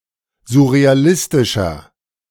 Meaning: 1. comparative degree of surrealistisch 2. inflection of surrealistisch: strong/mixed nominative masculine singular 3. inflection of surrealistisch: strong genitive/dative feminine singular
- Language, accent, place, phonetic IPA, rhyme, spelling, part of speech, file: German, Germany, Berlin, [zʊʁeaˈlɪstɪʃɐ], -ɪstɪʃɐ, surrealistischer, adjective, De-surrealistischer.ogg